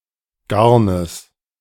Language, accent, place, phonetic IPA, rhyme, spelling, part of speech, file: German, Germany, Berlin, [ˈɡaʁnəs], -aʁnəs, Garnes, noun, De-Garnes.ogg
- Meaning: genitive of Garn